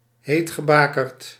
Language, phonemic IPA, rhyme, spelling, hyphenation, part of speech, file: Dutch, /ˌɦeːt.xəˈbaː.kərt/, -aːkərt, heetgebakerd, heet‧ge‧ba‧kerd, adjective, Nl-heetgebakerd.ogg
- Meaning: hot-tempered, hotheaded